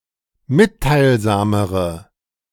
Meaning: inflection of mitteilsam: 1. strong/mixed nominative/accusative feminine singular comparative degree 2. strong nominative/accusative plural comparative degree
- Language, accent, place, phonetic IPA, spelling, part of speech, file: German, Germany, Berlin, [ˈmɪttaɪ̯lˌzaːməʁə], mitteilsamere, adjective, De-mitteilsamere.ogg